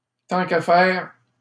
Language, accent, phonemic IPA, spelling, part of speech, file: French, Canada, /tɑ̃ k‿a fɛʁ/, tant qu'à faire, adverb, LL-Q150 (fra)-tant qu'à faire.wav
- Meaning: while one is at it, one might as well